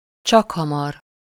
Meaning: soon, shortly
- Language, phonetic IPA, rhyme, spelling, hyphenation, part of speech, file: Hungarian, [ˈt͡ʃɒkhɒmɒr], -ɒr, csakhamar, csak‧ha‧mar, adverb, Hu-csakhamar.ogg